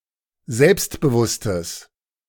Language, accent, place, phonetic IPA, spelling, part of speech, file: German, Germany, Berlin, [ˈzɛlpstbəˌvʊstəs], selbstbewusstes, adjective, De-selbstbewusstes.ogg
- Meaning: strong/mixed nominative/accusative neuter singular of selbstbewusst